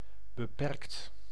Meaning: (adjective) restricted, limited; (verb) 1. past participle of beperken 2. inflection of beperken: second/third-person singular present indicative 3. inflection of beperken: plural imperative
- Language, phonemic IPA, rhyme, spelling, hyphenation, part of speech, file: Dutch, /bəˈpɛrkt/, -ɛrkt, beperkt, be‧perkt, adjective / verb, Nl-beperkt.ogg